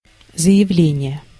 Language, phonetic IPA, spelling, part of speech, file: Russian, [zə(j)ɪˈvlʲenʲɪje], заявление, noun, Ru-заявление.ogg
- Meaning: 1. declaration, statement 2. petition, application